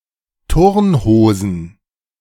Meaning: plural of Turnhose
- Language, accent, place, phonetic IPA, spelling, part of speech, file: German, Germany, Berlin, [ˈtʊʁnˌhoːzn̩], Turnhosen, noun, De-Turnhosen.ogg